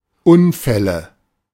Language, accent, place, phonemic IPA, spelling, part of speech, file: German, Germany, Berlin, /ˈʔʊnfɛlə/, Unfälle, noun, De-Unfälle.ogg
- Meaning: nominative/accusative/genitive plural of Unfall